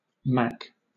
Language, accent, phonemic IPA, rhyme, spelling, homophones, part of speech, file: English, Southern England, /mæk/, -æk, mac, Mac / mack / Mack, noun, LL-Q1860 (eng)-mac.wav
- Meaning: 1. Clipping of mackintosh (“a raincoat”) 2. A person of Scottish descent (used in driving culture to denigrate someone for poor/slow/amateurish driving responses) 3. Clipping of macaroni